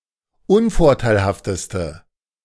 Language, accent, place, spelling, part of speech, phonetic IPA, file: German, Germany, Berlin, unvorteilhafteste, adjective, [ˈʊnfɔʁtaɪ̯lhaftəstə], De-unvorteilhafteste.ogg
- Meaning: inflection of unvorteilhaft: 1. strong/mixed nominative/accusative feminine singular superlative degree 2. strong nominative/accusative plural superlative degree